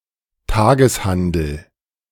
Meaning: day trade
- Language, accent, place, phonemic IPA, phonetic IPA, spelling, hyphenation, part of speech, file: German, Germany, Berlin, /ˈtaːɡəsˌhandəl/, [ˈtaːɡəsˌhandl̩], Tageshandel, Ta‧ges‧han‧del, noun, De-Tageshandel.ogg